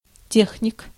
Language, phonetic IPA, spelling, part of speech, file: Russian, [ˈtʲexnʲɪk], техник, noun, Ru-техник.ogg
- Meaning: 1. technician, technologist (occupation) 2. artificer 3. genitive plural of те́хника (téxnika)